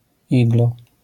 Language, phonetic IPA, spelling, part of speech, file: Polish, [ˈiɡlɔ], igloo, noun, LL-Q809 (pol)-igloo.wav